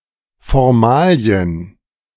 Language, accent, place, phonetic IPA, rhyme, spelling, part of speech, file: German, Germany, Berlin, [fɔʁˈmaːli̯ən], -aːli̯ən, Formalien, noun, De-Formalien.ogg
- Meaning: plural of Formalie